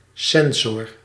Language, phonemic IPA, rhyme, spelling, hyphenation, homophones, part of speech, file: Dutch, /ˈsɛn.zɔr/, -ɛnzɔr, sensor, sen‧sor, censor, noun, Nl-sensor.ogg
- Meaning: sensor